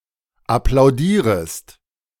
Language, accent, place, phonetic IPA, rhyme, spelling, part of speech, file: German, Germany, Berlin, [aplaʊ̯ˈdiːʁəst], -iːʁəst, applaudierest, verb, De-applaudierest.ogg
- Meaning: second-person singular subjunctive I of applaudieren